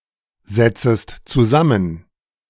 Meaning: second-person singular subjunctive I of zusammensetzen
- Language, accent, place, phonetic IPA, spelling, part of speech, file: German, Germany, Berlin, [ˌzɛt͡səst t͡suˈzamən], setzest zusammen, verb, De-setzest zusammen.ogg